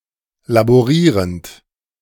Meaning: present participle of laborieren
- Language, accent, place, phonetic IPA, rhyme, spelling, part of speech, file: German, Germany, Berlin, [laboˈʁiːʁənt], -iːʁənt, laborierend, verb, De-laborierend.ogg